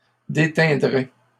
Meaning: third-person singular conditional of déteindre
- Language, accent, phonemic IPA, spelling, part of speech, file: French, Canada, /de.tɛ̃.dʁɛ/, déteindrait, verb, LL-Q150 (fra)-déteindrait.wav